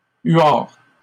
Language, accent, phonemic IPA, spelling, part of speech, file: French, Canada, /ɥaʁ/, huard, noun, LL-Q150 (fra)-huard.wav
- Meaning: 1. great northern loon (North America), great northern diver (Europe) 2. loonie (Canadian dollar as a unit of currency)